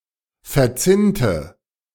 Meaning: inflection of verzinnt: 1. strong/mixed nominative/accusative feminine singular 2. strong nominative/accusative plural 3. weak nominative all-gender singular
- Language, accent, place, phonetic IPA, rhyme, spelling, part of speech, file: German, Germany, Berlin, [fɛɐ̯ˈt͡sɪntə], -ɪntə, verzinnte, adjective / verb, De-verzinnte.ogg